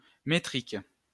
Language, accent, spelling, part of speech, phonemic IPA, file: French, France, métrique, adjective, /me.tʁik/, LL-Q150 (fra)-métrique.wav
- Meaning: 1. metric (relating to metric system) 2. metrical (relating to poetic meter)